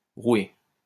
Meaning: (noun) roué (debauched or lecherous person); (verb) past participle of rouer
- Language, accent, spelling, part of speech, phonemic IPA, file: French, France, roué, noun / verb, /ʁwe/, LL-Q150 (fra)-roué.wav